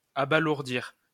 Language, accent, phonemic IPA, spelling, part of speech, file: French, France, /a.ba.luʁ.diʁ/, abalourdir, verb, LL-Q150 (fra)-abalourdir.wav
- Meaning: to make dull and stupid